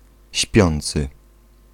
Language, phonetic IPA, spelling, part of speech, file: Polish, [ˈɕpʲjɔ̃nt͡sɨ], śpiący, verb / adjective / noun, Pl-śpiący.ogg